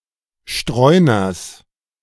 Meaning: genitive singular of Streuner
- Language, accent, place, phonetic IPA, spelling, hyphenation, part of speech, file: German, Germany, Berlin, [ˈʃtʁɔɪ̯nɐs], Streuners, Streu‧ners, noun, De-Streuners.ogg